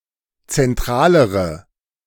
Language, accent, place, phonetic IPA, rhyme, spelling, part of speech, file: German, Germany, Berlin, [t͡sɛnˈtʁaːləʁə], -aːləʁə, zentralere, adjective, De-zentralere.ogg
- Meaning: inflection of zentral: 1. strong/mixed nominative/accusative feminine singular comparative degree 2. strong nominative/accusative plural comparative degree